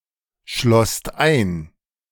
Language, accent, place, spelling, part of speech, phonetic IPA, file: German, Germany, Berlin, schlosst ein, verb, [ˌʃlɔst ˈaɪ̯n], De-schlosst ein.ogg
- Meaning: second-person singular/plural preterite of einschließen